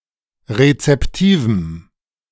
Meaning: strong dative masculine/neuter singular of rezeptiv
- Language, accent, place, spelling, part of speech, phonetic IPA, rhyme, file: German, Germany, Berlin, rezeptivem, adjective, [ʁet͡sɛpˈtiːvm̩], -iːvm̩, De-rezeptivem.ogg